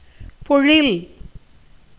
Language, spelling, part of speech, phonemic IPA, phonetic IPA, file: Tamil, பொழில், noun, /poɻɪl/, [po̞ɻɪl], Ta-பொழில்.ogg
- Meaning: 1. greatness, largeness 2. forest, grove 3. flower garden 4. the earth, world 5. country, district